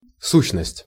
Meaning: 1. entity 2. essence 3. substance
- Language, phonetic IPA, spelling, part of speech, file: Russian, [ˈsuɕːnəsʲtʲ], сущность, noun, Ru-сущность.ogg